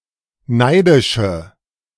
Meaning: inflection of neidisch: 1. strong/mixed nominative/accusative feminine singular 2. strong nominative/accusative plural 3. weak nominative all-gender singular
- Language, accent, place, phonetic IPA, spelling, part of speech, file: German, Germany, Berlin, [ˈnaɪ̯dɪʃə], neidische, adjective, De-neidische.ogg